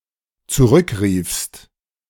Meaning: second-person singular dependent preterite of zurückrufen
- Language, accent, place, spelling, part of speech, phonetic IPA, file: German, Germany, Berlin, zurückriefst, verb, [t͡suˈʁʏkˌʁiːfst], De-zurückriefst.ogg